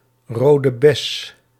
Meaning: 1. the red currant plant, Ribes rubrum 2. the fruit of this plant 3. Used other than figuratively or idiomatically: see rode, bes
- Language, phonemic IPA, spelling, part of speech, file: Dutch, /ˌroː.də ˈbɛs/, rode bes, noun, Nl-rode bes.ogg